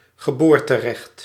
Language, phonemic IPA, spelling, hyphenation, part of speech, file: Dutch, /ɣəˈboːr.təˌrɛxt/, geboorterecht, ge‧boor‧te‧recht, noun, Nl-geboorterecht.ogg
- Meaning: birthright (inherited right)